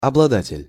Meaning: possessor, owner, holder
- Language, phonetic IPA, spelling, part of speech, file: Russian, [ɐbɫɐˈdatʲɪlʲ], обладатель, noun, Ru-обладатель.ogg